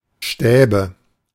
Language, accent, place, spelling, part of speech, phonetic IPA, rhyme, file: German, Germany, Berlin, Stäbe, noun, [ˈʃtɛːbə], -ɛːbə, De-Stäbe.ogg
- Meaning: nominative/accusative/genitive plural of Stab